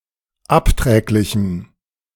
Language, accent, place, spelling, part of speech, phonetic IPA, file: German, Germany, Berlin, abträglichem, adjective, [ˈapˌtʁɛːklɪçm̩], De-abträglichem.ogg
- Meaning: strong dative masculine/neuter singular of abträglich